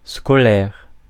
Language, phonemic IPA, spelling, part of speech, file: French, /skɔ.lɛʁ/, scolaire, adjective, Fr-scolaire.ogg
- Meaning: 1. school; scholastic, academic 2. textbooklike, textbook; convenient for use in a school setting, but unrigorous and unscientific 3. rigid and unimaginative